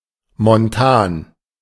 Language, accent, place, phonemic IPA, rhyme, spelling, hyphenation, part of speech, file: German, Germany, Berlin, /monˈtaːn/, -aːn, montan, mon‧tan, adjective, De-montan.ogg
- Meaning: 1. mining, metallurgy 2. mountainous (botanical habitat)